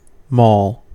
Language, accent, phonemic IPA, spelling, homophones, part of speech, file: English, US, /mɔːl/, mall, maul / moll, noun / verb, En-us-mall.ogg
- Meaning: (noun) 1. A pedestrianised street, especially a shopping precinct 2. An enclosed shopping centre 3. An alley where the game of pall mall was played 4. A public walk; a level shaded walk, a promenade